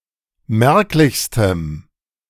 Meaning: strong dative masculine/neuter singular superlative degree of merklich
- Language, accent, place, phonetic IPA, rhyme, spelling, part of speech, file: German, Germany, Berlin, [ˈmɛʁklɪçstəm], -ɛʁklɪçstəm, merklichstem, adjective, De-merklichstem.ogg